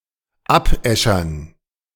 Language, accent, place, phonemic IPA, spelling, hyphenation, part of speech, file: German, Germany, Berlin, /ˈapˌʔɛʃɐn/, abäschern, ab‧äschern, verb, De-abäschern.ogg
- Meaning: 1. to rub off with ash 2. to work to exhaustion